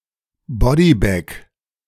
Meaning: a messenger bag, courier bag
- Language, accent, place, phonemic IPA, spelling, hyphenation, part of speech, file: German, Germany, Berlin, /ˈbɔdiˌbɛk/, Bodybag, Bo‧dy‧bag, noun, De-Bodybag.ogg